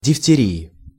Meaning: genitive/dative/prepositional singular of дифтери́я (difteríja)
- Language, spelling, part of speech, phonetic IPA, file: Russian, дифтерии, noun, [dʲɪftʲɪˈrʲiɪ], Ru-дифтерии.ogg